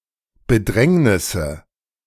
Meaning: nominative/accusative/genitive plural of Bedrängnis
- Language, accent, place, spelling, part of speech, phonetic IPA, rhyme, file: German, Germany, Berlin, Bedrängnisse, noun, [bəˈdʁɛŋnɪsə], -ɛŋnɪsə, De-Bedrängnisse.ogg